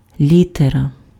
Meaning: letter (a symbol in an alphabet)
- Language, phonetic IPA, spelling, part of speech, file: Ukrainian, [ˈlʲiterɐ], літера, noun, Uk-літера.ogg